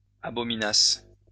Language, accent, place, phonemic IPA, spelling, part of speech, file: French, France, Lyon, /a.bɔ.mi.nas/, abominassent, verb, LL-Q150 (fra)-abominassent.wav
- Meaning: third-person plural imperfect subjunctive of abominer